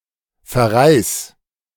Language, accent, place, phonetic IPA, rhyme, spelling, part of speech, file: German, Germany, Berlin, [fɛɐ̯ˈʁaɪ̯s], -aɪ̯s, verreis, verb, De-verreis.ogg
- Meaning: 1. singular imperative of verreisen 2. first-person singular present of verreisen